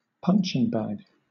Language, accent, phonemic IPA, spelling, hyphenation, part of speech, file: English, Southern England, /ˈpʌnt͡ʃɪŋ ˌbæɡ/, punching bag, punch‧ing bag, noun, LL-Q1860 (eng)-punching bag.wav
- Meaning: A tough bag, usually cylindrical, filled with air, sand, or other material, often suspended so that it swings freely, which is punched or kicked when practising sports such as boxing or martial arts